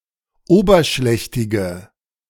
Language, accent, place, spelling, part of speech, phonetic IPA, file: German, Germany, Berlin, oberschlächtige, adjective, [ˈoːbɐˌʃlɛçtɪɡə], De-oberschlächtige.ogg
- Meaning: inflection of oberschlächtig: 1. strong/mixed nominative/accusative feminine singular 2. strong nominative/accusative plural 3. weak nominative all-gender singular